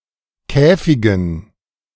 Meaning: dative plural of Käfig
- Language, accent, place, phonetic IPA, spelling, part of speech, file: German, Germany, Berlin, [ˈkɛːfɪɡn̩], Käfigen, noun, De-Käfigen.ogg